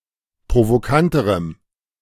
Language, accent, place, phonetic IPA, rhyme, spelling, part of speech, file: German, Germany, Berlin, [pʁovoˈkantəʁəm], -antəʁəm, provokanterem, adjective, De-provokanterem.ogg
- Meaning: strong dative masculine/neuter singular comparative degree of provokant